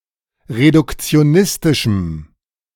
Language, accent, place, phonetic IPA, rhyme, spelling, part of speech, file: German, Germany, Berlin, [ʁedʊkt͡si̯oˈnɪstɪʃm̩], -ɪstɪʃm̩, reduktionistischem, adjective, De-reduktionistischem.ogg
- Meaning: strong dative masculine/neuter singular of reduktionistisch